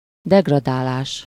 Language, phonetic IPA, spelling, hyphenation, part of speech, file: Hungarian, [ˈdɛɡrɒdaːlaːʃ], degradálás, deg‧ra‧dá‧lás, noun, Hu-degradálás.ogg
- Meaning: degradation